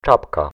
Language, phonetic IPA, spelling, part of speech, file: Polish, [ˈt͡ʃapka], czapka, noun, Pl-czapka.ogg